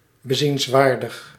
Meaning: worth seeing
- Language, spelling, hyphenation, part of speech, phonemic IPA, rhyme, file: Dutch, bezienswaardig, be‧ziens‧waar‧dig, adjective, /bəˌzinsˈʋaːr.dəx/, -aːrdəx, Nl-bezienswaardig.ogg